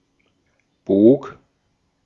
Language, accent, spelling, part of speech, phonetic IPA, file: German, Austria, bog, verb, [boːk], De-at-bog.ogg
- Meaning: first/third-person singular preterite of biegen